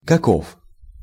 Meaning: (pronoun) 1. what (referring to what comprises something) 2. like what, how (referring to what something is like) 3. what (a) (used to indicate an intense manifestation of something)
- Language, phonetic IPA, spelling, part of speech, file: Russian, [kɐˈkof], каков, pronoun / determiner, Ru-каков.ogg